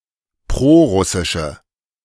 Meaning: inflection of prorussisch: 1. strong/mixed nominative/accusative feminine singular 2. strong nominative/accusative plural 3. weak nominative all-gender singular
- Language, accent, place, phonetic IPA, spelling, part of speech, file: German, Germany, Berlin, [ˈpʁoːˌʁʊsɪʃə], prorussische, adjective, De-prorussische.ogg